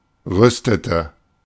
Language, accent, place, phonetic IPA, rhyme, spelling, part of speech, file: German, Germany, Berlin, [ˈʁʏstətə], -ʏstətə, rüstete, verb, De-rüstete.ogg
- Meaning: inflection of rüsten: 1. first/third-person singular preterite 2. first/third-person singular subjunctive II